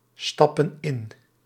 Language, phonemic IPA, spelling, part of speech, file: Dutch, /ˈstɑpə(n) ˈɪn/, stappen in, verb, Nl-stappen in.ogg
- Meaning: inflection of instappen: 1. plural present indicative 2. plural present subjunctive